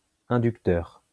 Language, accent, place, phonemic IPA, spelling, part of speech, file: French, France, Lyon, /ɛ̃.dyk.tœʁ/, inducteur, adjective / noun, LL-Q150 (fra)-inducteur.wav
- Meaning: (adjective) inductive; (noun) 1. inductor 2. starter